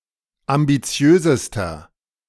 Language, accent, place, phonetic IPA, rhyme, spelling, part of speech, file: German, Germany, Berlin, [ambiˈt͡si̯øːzəstɐ], -øːzəstɐ, ambitiösester, adjective, De-ambitiösester.ogg
- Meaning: inflection of ambitiös: 1. strong/mixed nominative masculine singular superlative degree 2. strong genitive/dative feminine singular superlative degree 3. strong genitive plural superlative degree